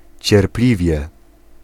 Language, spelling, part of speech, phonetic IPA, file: Polish, cierpliwie, adverb, [t͡ɕɛrˈplʲivʲjɛ], Pl-cierpliwie.ogg